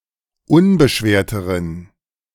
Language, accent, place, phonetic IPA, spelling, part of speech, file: German, Germany, Berlin, [ˈʊnbəˌʃveːɐ̯təʁən], unbeschwerteren, adjective, De-unbeschwerteren.ogg
- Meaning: inflection of unbeschwert: 1. strong genitive masculine/neuter singular comparative degree 2. weak/mixed genitive/dative all-gender singular comparative degree